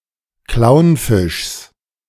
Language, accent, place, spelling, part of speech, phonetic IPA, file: German, Germany, Berlin, Clownfischs, noun, [ˈklaʊ̯nˌfɪʃs], De-Clownfischs.ogg
- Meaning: genitive singular of Clownfisch